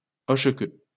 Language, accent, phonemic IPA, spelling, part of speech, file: French, France, /ɔʃ.kø/, hochequeue, noun, LL-Q150 (fra)-hochequeue.wav
- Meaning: wagtail